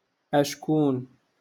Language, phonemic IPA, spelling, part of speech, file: Moroccan Arabic, /ʔaʃ.kuːn/, أشكون, adverb, LL-Q56426 (ary)-أشكون.wav
- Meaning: who?